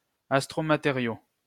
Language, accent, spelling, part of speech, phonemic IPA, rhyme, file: French, France, astromatériau, noun, /as.tʁo.ma.te.ʁjo/, -jo, LL-Q150 (fra)-astromatériau.wav
- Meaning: astromaterial